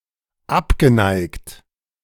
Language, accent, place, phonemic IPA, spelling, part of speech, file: German, Germany, Berlin, /ˌapɡəˈnaɪ̯kt/, abgeneigt, adjective, De-abgeneigt.ogg
- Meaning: 1. averse, loath 2. opposed